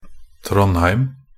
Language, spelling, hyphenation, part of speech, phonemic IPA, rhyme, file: Norwegian Bokmål, Trondheim, Trond‧heim, proper noun, /ˈtrɔnhæɪm/, -æɪm, Nb-trondheim.ogg
- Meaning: Trondheim (a city and municipality of Trøndelag, Norway)